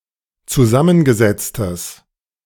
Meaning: strong/mixed nominative/accusative neuter singular of zusammengesetzt
- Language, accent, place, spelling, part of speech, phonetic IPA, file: German, Germany, Berlin, zusammengesetztes, adjective, [t͡suˈzamənɡəˌzɛt͡stəs], De-zusammengesetztes.ogg